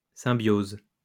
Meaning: symbiosis (relationship of mutual benefit)
- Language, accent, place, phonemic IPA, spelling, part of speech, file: French, France, Lyon, /sɛ̃.bjoz/, symbiose, noun, LL-Q150 (fra)-symbiose.wav